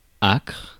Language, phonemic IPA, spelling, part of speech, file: French, /akʁ/, acre, noun, Fr-acre.ogg
- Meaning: acre